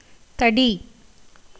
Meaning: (noun) 1. stick, staff, rod, cane, baton 2. club, cudgel, bludgeon 3. thickness 4. pestle 5. bow; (verb) 1. to grow large, full; to become stout 2. to swell 3. to become enhanced; to increase, grow
- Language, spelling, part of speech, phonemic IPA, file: Tamil, தடி, noun / verb, /t̪ɐɖiː/, Ta-தடி.ogg